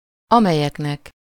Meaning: dative plural of amely
- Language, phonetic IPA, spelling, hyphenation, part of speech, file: Hungarian, [ˈɒmɛjɛknɛk], amelyeknek, ame‧lyek‧nek, pronoun, Hu-amelyeknek.ogg